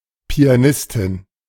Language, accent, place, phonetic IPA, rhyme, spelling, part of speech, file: German, Germany, Berlin, [pi̯aˈnɪstɪn], -ɪstɪn, Pianistin, noun, De-Pianistin.ogg
- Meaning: female equivalent of Pianist (“pianist, piano player”)